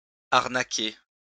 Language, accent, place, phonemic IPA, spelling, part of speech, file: French, France, Lyon, /aʁ.na.ke/, arnaquer, verb, LL-Q150 (fra)-arnaquer.wav
- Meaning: 1. to swindle, to dupe 2. to cheat